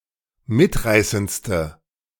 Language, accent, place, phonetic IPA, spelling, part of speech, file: German, Germany, Berlin, [ˈmɪtˌʁaɪ̯sənt͡stə], mitreißendste, adjective, De-mitreißendste.ogg
- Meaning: inflection of mitreißend: 1. strong/mixed nominative/accusative feminine singular superlative degree 2. strong nominative/accusative plural superlative degree